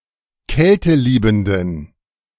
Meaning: inflection of kälteliebend: 1. strong genitive masculine/neuter singular 2. weak/mixed genitive/dative all-gender singular 3. strong/weak/mixed accusative masculine singular 4. strong dative plural
- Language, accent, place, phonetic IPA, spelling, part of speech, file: German, Germany, Berlin, [ˈkɛltəˌliːbm̩dən], kälteliebenden, adjective, De-kälteliebenden.ogg